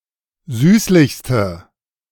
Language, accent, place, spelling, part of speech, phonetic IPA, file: German, Germany, Berlin, süßlichste, adjective, [ˈzyːslɪçstə], De-süßlichste.ogg
- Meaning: inflection of süßlich: 1. strong/mixed nominative/accusative feminine singular superlative degree 2. strong nominative/accusative plural superlative degree